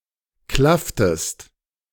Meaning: inflection of klaffen: 1. second-person singular preterite 2. second-person singular subjunctive II
- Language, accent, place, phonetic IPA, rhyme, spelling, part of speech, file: German, Germany, Berlin, [ˈklaftəst], -aftəst, klafftest, verb, De-klafftest.ogg